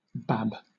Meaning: A baby
- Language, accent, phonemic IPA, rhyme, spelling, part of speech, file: English, Southern England, /bæb/, -æb, bab, noun, LL-Q1860 (eng)-bab.wav